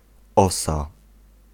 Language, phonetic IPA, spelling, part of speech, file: Polish, [ˈɔsa], osa, noun, Pl-osa.ogg